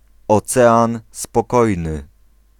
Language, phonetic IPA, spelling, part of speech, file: Polish, [ɔˈt͡sɛãn spɔˈkɔjnɨ], Ocean Spokojny, proper noun, Pl-Ocean Spokojny.ogg